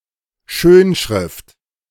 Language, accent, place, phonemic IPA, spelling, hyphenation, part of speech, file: German, Germany, Berlin, /ˈʃøːnˌʃʁɪft/, Schönschrift, Schön‧schrift, noun, De-Schönschrift.ogg
- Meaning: 1. style of handwriting with (almost) perfectly formed letters 2. elegant style of handwriting, calligraphy 3. calligraphic font